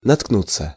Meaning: 1. to run against, to stumble on, to hit on 2. to stumble upon, to come across, to encounter by chance
- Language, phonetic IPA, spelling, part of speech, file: Russian, [nɐtkˈnut͡sːə], наткнуться, verb, Ru-наткнуться.ogg